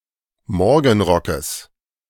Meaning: genitive singular of Morgenrock
- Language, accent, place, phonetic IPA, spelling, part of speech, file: German, Germany, Berlin, [ˈmɔʁɡn̩ˌʁɔkəs], Morgenrockes, noun, De-Morgenrockes.ogg